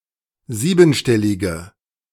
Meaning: inflection of siebenstellig: 1. strong/mixed nominative/accusative feminine singular 2. strong nominative/accusative plural 3. weak nominative all-gender singular
- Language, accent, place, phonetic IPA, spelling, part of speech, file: German, Germany, Berlin, [ˈziːbn̩ˌʃtɛlɪɡə], siebenstellige, adjective, De-siebenstellige.ogg